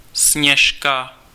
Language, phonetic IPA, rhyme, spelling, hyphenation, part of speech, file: Czech, [ˈsɲɛʃka], -ɛʃka, Sněžka, Sněž‧ka, proper noun, Cs-Sněžka.ogg
- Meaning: Sněžka (a mountain in the Czech Republic)